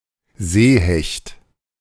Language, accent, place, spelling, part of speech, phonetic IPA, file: German, Germany, Berlin, Seehecht, noun, [ˈzeːˌhɛçt], De-Seehecht.ogg
- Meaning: hake (fish)